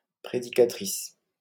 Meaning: female equivalent of prédicateur
- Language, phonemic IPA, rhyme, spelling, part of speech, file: French, /pʁe.di.ka.tʁis/, -is, prédicatrice, noun, LL-Q150 (fra)-prédicatrice.wav